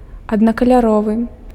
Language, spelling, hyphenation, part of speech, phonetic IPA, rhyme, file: Belarusian, аднакаляровы, ад‧на‧ка‧ля‧ро‧вы, adjective, [adnakalʲaˈrovɨ], -ovɨ, Be-аднакаляровы.ogg
- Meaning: monochromatic, unicolor